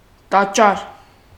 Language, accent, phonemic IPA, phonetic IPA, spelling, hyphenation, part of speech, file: Armenian, Eastern Armenian, /tɑˈt͡ʃɑɾ/, [tɑt͡ʃɑ́ɾ], տաճար, տա‧ճար, noun, Hy-տաճար.oga
- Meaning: temple, cathedral, sanctuary